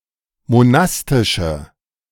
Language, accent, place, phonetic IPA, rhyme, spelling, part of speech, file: German, Germany, Berlin, [moˈnastɪʃə], -astɪʃə, monastische, adjective, De-monastische.ogg
- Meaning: inflection of monastisch: 1. strong/mixed nominative/accusative feminine singular 2. strong nominative/accusative plural 3. weak nominative all-gender singular